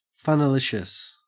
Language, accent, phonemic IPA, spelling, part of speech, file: English, Australia, /fʌnəˈlɪʃəs/, funalicious, adjective, En-au-funalicious.ogg
- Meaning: Excitingly fun or enticing